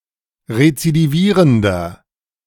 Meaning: inflection of rezidivierend: 1. strong/mixed nominative masculine singular 2. strong genitive/dative feminine singular 3. strong genitive plural
- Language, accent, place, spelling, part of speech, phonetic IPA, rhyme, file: German, Germany, Berlin, rezidivierender, adjective, [ʁet͡sidiˈviːʁəndɐ], -iːʁəndɐ, De-rezidivierender.ogg